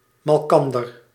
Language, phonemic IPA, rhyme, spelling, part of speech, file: Dutch, /mɑlˈkɑn.dər/, -ɑndər, malkander, pronoun, Nl-malkander.ogg
- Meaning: each other